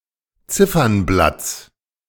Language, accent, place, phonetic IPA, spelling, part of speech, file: German, Germany, Berlin, [ˈt͡sɪfɐnˌblat͡s], Ziffernblatts, noun, De-Ziffernblatts.ogg
- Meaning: genitive singular of Ziffernblatt